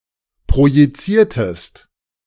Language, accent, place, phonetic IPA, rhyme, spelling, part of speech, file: German, Germany, Berlin, [pʁojiˈt͡siːɐ̯təst], -iːɐ̯təst, projiziertest, verb, De-projiziertest.ogg
- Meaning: inflection of projizieren: 1. second-person singular preterite 2. second-person singular subjunctive II